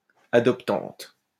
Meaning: feminine singular of adoptant
- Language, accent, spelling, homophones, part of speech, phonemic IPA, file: French, France, adoptante, adoptantes, adjective, /a.dɔp.tɑ̃t/, LL-Q150 (fra)-adoptante.wav